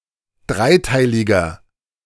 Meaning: inflection of dreiteilig: 1. strong/mixed nominative masculine singular 2. strong genitive/dative feminine singular 3. strong genitive plural
- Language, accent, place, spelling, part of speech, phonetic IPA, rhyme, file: German, Germany, Berlin, dreiteiliger, adjective, [ˈdʁaɪ̯ˌtaɪ̯lɪɡɐ], -aɪ̯taɪ̯lɪɡɐ, De-dreiteiliger.ogg